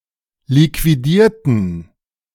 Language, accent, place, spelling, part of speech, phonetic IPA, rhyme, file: German, Germany, Berlin, liquidierten, adjective / verb, [likviˈdiːɐ̯tn̩], -iːɐ̯tn̩, De-liquidierten.ogg
- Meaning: inflection of liquidieren: 1. first/third-person plural preterite 2. first/third-person plural subjunctive II